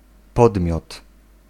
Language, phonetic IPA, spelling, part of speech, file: Polish, [ˈpɔdmʲjɔt], podmiot, noun, Pl-podmiot.ogg